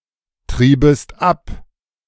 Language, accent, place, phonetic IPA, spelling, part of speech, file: German, Germany, Berlin, [ˌtʁiːbəst ˈap], triebest ab, verb, De-triebest ab.ogg
- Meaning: second-person singular subjunctive II of abtreiben